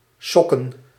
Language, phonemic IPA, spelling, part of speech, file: Dutch, /ˈsɔkə(n)/, sokken, noun, Nl-sokken.ogg
- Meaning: plural of sok